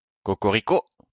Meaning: cock-a-doodle-do
- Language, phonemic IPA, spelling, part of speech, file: French, /ko.ko.ʁi.ko/, cocorico, noun, LL-Q150 (fra)-cocorico.wav